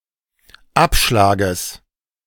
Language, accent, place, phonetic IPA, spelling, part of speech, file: German, Germany, Berlin, [ˈapʃlaːɡəs], Abschlages, noun, De-Abschlages.ogg
- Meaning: genitive singular of Abschlag